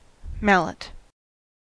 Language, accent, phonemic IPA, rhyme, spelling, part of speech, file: English, US, /ˈmælɪt/, -ælɪt, mallet, noun / verb, En-us-mallet.ogg
- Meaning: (noun) A type of hammer with a larger-than-usual head made of wood, rubber or similar non-iron material, used by woodworkers for driving a tool, such as a chisel. A kind of maul